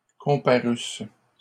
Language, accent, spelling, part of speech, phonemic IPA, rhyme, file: French, Canada, comparussent, verb, /kɔ̃.pa.ʁys/, -ys, LL-Q150 (fra)-comparussent.wav
- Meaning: third-person plural imperfect subjunctive of comparaître